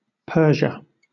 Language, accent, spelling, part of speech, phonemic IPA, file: English, Southern England, Persia, proper noun, /ˈpɜː.ʒə/, LL-Q1860 (eng)-Persia.wav
- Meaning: 1. Iran, a country in West Asia 2. Persia proper (Persis), the land of the ethnic Persians, corresponding to the modern-day Fars province in southwestern Iran